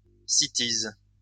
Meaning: any of several species of shrubs in the taxonomic family Fabaceae which are, or were at one time, classified in the genus Cytisus, the best known being those now in the genus Laburnum
- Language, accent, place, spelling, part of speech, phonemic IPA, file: French, France, Lyon, cytise, noun, /si.tiz/, LL-Q150 (fra)-cytise.wav